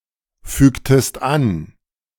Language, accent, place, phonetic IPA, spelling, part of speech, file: German, Germany, Berlin, [ˌfyːktəst ˈan], fügtest an, verb, De-fügtest an.ogg
- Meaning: inflection of anfügen: 1. second-person singular preterite 2. second-person singular subjunctive II